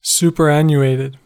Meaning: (adjective) 1. Obsolete, antiquated 2. Retired or discarded due to age; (verb) simple past and past participle of superannuate
- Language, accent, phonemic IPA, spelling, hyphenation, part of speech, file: English, US, /ˌsupɚˈænjuˌeɪtɪd/, superannuated, su‧per‧an‧nu‧at‧ed, adjective / verb, En-us-superannuated.ogg